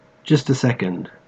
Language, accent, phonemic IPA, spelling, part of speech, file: English, Australia, /ˈdʒʌst ə ˌsɛkənd/, just a second, noun / interjection, En-au-just a second.ogg
- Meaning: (noun) 1. Only one second; a passage of time one-sixtieth of a minute in duration 2. A short period of time, typically anywhere from a few seconds to several minutes or more